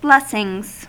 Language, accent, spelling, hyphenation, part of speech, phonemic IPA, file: English, US, blessings, bless‧ings, noun, /ˈblɛs.ɪŋz/, En-us-blessings.ogg
- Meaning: plural of blessing